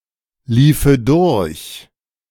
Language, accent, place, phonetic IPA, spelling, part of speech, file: German, Germany, Berlin, [ˌliːfə ˈdʊʁç], liefe durch, verb, De-liefe durch.ogg
- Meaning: first/third-person singular subjunctive II of durchlaufen